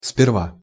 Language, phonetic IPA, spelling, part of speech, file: Russian, [spʲɪrˈva], сперва, adverb, Ru-сперва.ogg
- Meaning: 1. first, firstly 2. at first, originally